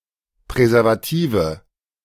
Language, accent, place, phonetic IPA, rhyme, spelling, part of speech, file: German, Germany, Berlin, [pʁɛzɛʁvaˈtiːvə], -iːvə, Präservative, noun, De-Präservative.ogg
- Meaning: nominative/accusative/genitive plural of Präservativ